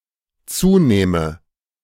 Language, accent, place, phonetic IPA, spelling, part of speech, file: German, Germany, Berlin, [ˈt͡suːˌnɛːmə], zunähme, verb, De-zunähme.ogg
- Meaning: first/third-person singular dependent subjunctive II of zunehmen